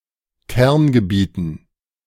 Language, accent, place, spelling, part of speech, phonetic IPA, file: German, Germany, Berlin, Kerngebieten, noun, [ˈkɛʁnɡəˌbiːtn̩], De-Kerngebieten.ogg
- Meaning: dative plural of Kerngebiet